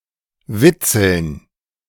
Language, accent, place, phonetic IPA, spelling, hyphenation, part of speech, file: German, Germany, Berlin, [ˈvɪtsl̩n], witzeln, wit‧zeln, verb, De-witzeln.ogg
- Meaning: to make jokes, to make silly jokes, to joke